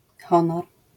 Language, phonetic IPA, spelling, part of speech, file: Polish, [ˈxɔ̃nɔr], honor, noun, LL-Q809 (pol)-honor.wav